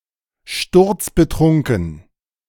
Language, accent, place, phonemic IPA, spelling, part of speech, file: German, Germany, Berlin, /ˈʃtʊʁt͡sbəˈtʁʊŋkŋ̩/, sturzbetrunken, adjective, De-sturzbetrunken.ogg
- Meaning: very drunk